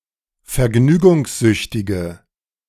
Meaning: inflection of vergnügungssüchtig: 1. strong/mixed nominative/accusative feminine singular 2. strong nominative/accusative plural 3. weak nominative all-gender singular
- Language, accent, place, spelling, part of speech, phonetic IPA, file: German, Germany, Berlin, vergnügungssüchtige, adjective, [fɛɐ̯ˈɡnyːɡʊŋsˌzʏçtɪɡə], De-vergnügungssüchtige.ogg